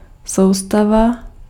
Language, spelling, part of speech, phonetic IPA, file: Czech, soustava, noun, [ˈsou̯stava], Cs-soustava.ogg
- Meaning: system